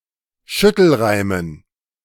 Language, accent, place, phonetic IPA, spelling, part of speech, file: German, Germany, Berlin, [ˈʃʏtl̩ˌʁaɪ̯mən], Schüttelreimen, noun, De-Schüttelreimen.ogg
- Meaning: dative plural of Schüttelreim